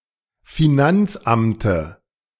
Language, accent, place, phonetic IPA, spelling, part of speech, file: German, Germany, Berlin, [fiˈnant͡sˌʔamtə], Finanzamte, noun, De-Finanzamte.ogg
- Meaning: dative singular of Finanzamt